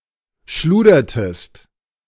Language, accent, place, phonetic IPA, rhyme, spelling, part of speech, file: German, Germany, Berlin, [ˈʃluːdɐtəst], -uːdɐtəst, schludertest, verb, De-schludertest.ogg
- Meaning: inflection of schludern: 1. second-person singular preterite 2. second-person singular subjunctive II